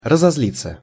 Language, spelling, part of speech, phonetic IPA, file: Russian, разозлиться, verb, [rəzɐz⁽ʲ⁾ˈlʲit͡sːə], Ru-разозлиться.ogg
- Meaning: 1. to get angry (with someone, at something) 2. passive of разозли́ть (razozlítʹ)